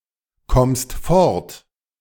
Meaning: second-person singular present of fortkommen
- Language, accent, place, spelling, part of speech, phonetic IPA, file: German, Germany, Berlin, kommst fort, verb, [ˌkɔmst ˈfɔʁt], De-kommst fort.ogg